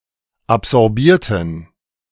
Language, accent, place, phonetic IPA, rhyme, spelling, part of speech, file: German, Germany, Berlin, [apzɔʁˈbiːɐ̯tn̩], -iːɐ̯tn̩, absorbierten, adjective / verb, De-absorbierten.ogg
- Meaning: inflection of absorbieren: 1. first/third-person plural preterite 2. first/third-person plural subjunctive II